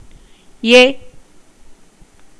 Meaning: The seventh vowel in Tamil
- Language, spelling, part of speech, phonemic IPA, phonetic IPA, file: Tamil, எ, character, /ɛ/, [e̞], Ta-எ.ogg